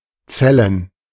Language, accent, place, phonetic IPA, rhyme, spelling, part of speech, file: German, Germany, Berlin, [ˈt͡sɛlən], -ɛlən, Zellen, noun, De-Zellen.ogg
- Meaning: plural of Zelle